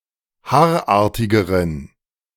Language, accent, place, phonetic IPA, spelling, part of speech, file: German, Germany, Berlin, [ˈhaːɐ̯ˌʔaːɐ̯tɪɡəʁən], haarartigeren, adjective, De-haarartigeren.ogg
- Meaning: inflection of haarartig: 1. strong genitive masculine/neuter singular comparative degree 2. weak/mixed genitive/dative all-gender singular comparative degree